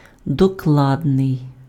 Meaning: exact, precise, accurate
- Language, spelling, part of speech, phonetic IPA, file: Ukrainian, докладний, adjective, [dɔˈkɫadnei̯], Uk-докладний.ogg